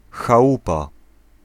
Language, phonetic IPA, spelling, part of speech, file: Polish, [xaˈwupa], chałupa, noun, Pl-chałupa.ogg